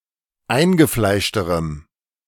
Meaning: strong dative masculine/neuter singular comparative degree of eingefleischt
- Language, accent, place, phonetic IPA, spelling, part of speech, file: German, Germany, Berlin, [ˈaɪ̯nɡəˌflaɪ̯ʃtəʁəm], eingefleischterem, adjective, De-eingefleischterem.ogg